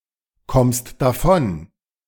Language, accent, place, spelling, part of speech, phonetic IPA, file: German, Germany, Berlin, kommst davon, verb, [ˌkɔmst daˈfɔn], De-kommst davon.ogg
- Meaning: second-person singular present of davonkommen